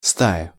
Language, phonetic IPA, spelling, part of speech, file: Russian, [ˈstajə], стая, noun, Ru-стая.ogg
- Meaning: flock, herd, pack, troop